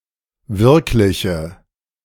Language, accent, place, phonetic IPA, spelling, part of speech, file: German, Germany, Berlin, [ˈvɪʁklɪçə], wirkliche, adjective, De-wirkliche.ogg
- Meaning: inflection of wirklich: 1. strong/mixed nominative/accusative feminine singular 2. strong nominative/accusative plural 3. weak nominative all-gender singular